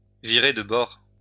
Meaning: 1. to tack, to change tack, to switch tack, to put about 2. to change sides, to box the compass 3. to switch teams (to change one's sexual orientation)
- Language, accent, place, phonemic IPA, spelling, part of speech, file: French, France, Lyon, /vi.ʁe d(ə) bɔʁ/, virer de bord, verb, LL-Q150 (fra)-virer de bord.wav